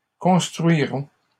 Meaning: third-person plural future of construire
- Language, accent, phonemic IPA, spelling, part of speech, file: French, Canada, /kɔ̃s.tʁɥi.ʁɔ̃/, construiront, verb, LL-Q150 (fra)-construiront.wav